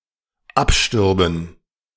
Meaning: first/third-person plural dependent subjunctive II of absterben
- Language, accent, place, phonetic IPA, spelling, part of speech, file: German, Germany, Berlin, [ˈapˌʃtʏʁbn̩], abstürben, verb, De-abstürben.ogg